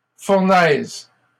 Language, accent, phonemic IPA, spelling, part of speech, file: French, Canada, /fuʁ.nɛz/, fournaises, noun, LL-Q150 (fra)-fournaises.wav
- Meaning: plural of fournaise